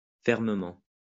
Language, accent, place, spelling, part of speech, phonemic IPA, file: French, France, Lyon, fermement, adverb, /fɛʁ.mə.mɑ̃/, LL-Q150 (fra)-fermement.wav
- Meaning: 1. firmly, strongly, tightly 2. hard